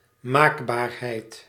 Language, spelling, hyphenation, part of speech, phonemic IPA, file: Dutch, maakbaarheid, maak‧baar‧heid, noun, /ˈmaːk.baːrˌɦɛi̯t/, Nl-maakbaarheid.ogg
- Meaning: malleability, feasibility